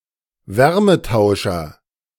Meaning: heat exchanger
- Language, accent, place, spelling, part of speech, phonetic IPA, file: German, Germany, Berlin, Wärmetauscher, noun, [ˈvɛʁməˌtaʊ̯ʃɐ], De-Wärmetauscher.ogg